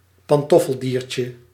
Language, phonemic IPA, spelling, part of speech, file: Dutch, /pɑnˈtɔfəldirtʲə/, pantoffeldiertje, noun, Nl-pantoffeldiertje.ogg
- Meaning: diminutive of pantoffeldier